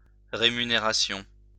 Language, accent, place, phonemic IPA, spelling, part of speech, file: French, France, Lyon, /ʁe.my.ne.ʁa.sjɔ̃/, rémunération, noun, LL-Q150 (fra)-rémunération.wav
- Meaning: pay; remuneration